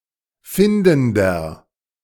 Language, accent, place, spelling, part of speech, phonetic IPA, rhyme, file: German, Germany, Berlin, findender, adjective, [ˈfɪndn̩dɐ], -ɪndn̩dɐ, De-findender.ogg
- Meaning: inflection of findend: 1. strong/mixed nominative masculine singular 2. strong genitive/dative feminine singular 3. strong genitive plural